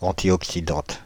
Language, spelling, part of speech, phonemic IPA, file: French, antioxydante, adjective, /ɑ̃.tjɔk.si.dɑ̃t/, Fr-antioxydante.ogg
- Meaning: feminine singular of antioxydant